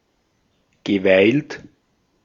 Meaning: past participle of weilen
- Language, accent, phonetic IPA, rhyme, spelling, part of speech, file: German, Austria, [ɡəˈvaɪ̯lt], -aɪ̯lt, geweilt, verb, De-at-geweilt.ogg